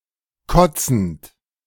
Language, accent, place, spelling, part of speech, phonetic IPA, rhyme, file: German, Germany, Berlin, kotzend, verb, [ˈkɔt͡sn̩t], -ɔt͡sn̩t, De-kotzend.ogg
- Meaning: present participle of kotzen